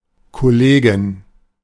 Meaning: female equivalent of Kollege
- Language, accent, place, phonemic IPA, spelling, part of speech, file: German, Germany, Berlin, /kɔˈleːɡɪn/, Kollegin, noun, De-Kollegin.ogg